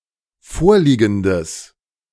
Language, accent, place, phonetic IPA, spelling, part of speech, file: German, Germany, Berlin, [ˈfoːɐ̯ˌliːɡn̩dəs], vorliegendes, adjective, De-vorliegendes.ogg
- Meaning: strong/mixed nominative/accusative neuter singular of vorliegend